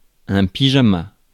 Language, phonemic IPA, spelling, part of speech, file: French, /pi.ʒa.ma/, pyjama, noun, Fr-pyjama.ogg
- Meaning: pyjamas